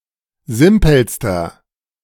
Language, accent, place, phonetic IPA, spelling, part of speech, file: German, Germany, Berlin, [ˈzɪmpl̩stɐ], simpelster, adjective, De-simpelster.ogg
- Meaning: inflection of simpel: 1. strong/mixed nominative masculine singular superlative degree 2. strong genitive/dative feminine singular superlative degree 3. strong genitive plural superlative degree